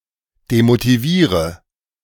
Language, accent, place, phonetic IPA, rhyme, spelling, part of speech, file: German, Germany, Berlin, [demotiˈviːʁə], -iːʁə, demotiviere, verb, De-demotiviere.ogg
- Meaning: inflection of demotivieren: 1. first-person singular present 2. first/third-person singular subjunctive I 3. singular imperative